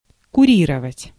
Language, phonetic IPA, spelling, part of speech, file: Russian, [kʊˈrʲirəvətʲ], курировать, verb, Ru-курировать.ogg
- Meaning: to be in charge, to curate, to supervise